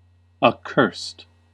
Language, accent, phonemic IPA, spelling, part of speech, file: English, US, /əˈkɝ.sɪd/, accursed, adjective / verb, En-us-accursed.ogg
- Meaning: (adjective) 1. Hateful; detestable, loathsome 2. Doomed to destruction or misery; cursed; anathematized; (verb) simple past and past participle of accurse